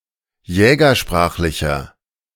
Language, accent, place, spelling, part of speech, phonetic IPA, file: German, Germany, Berlin, jägersprachlicher, adjective, [ˈjɛːɡɐˌʃpʁaːxlɪçɐ], De-jägersprachlicher.ogg
- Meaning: inflection of jägersprachlich: 1. strong/mixed nominative masculine singular 2. strong genitive/dative feminine singular 3. strong genitive plural